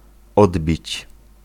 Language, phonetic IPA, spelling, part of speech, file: Polish, [ˈɔdbʲit͡ɕ], odbić, verb, Pl-odbić.ogg